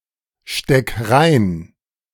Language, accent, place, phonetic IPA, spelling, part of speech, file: German, Germany, Berlin, [ˌʃtɛk ˈʁaɪ̯n], steck rein, verb, De-steck rein.ogg
- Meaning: 1. singular imperative of reinstecken 2. first-person singular present of reinstecken